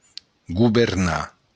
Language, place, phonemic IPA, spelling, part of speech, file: Occitan, Béarn, /ɡu.verˈna/, governar, verb, LL-Q14185 (oci)-governar.wav
- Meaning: 1. to govern 2. to steer, pilot